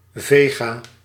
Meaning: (noun) a vegetarian, a veggie; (adjective) veggie, vegetarian
- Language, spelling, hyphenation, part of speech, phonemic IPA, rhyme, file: Dutch, vega, ve‧ga, noun / adjective, /ˈveː.ɣaː/, -eːɣaː, Nl-vega.ogg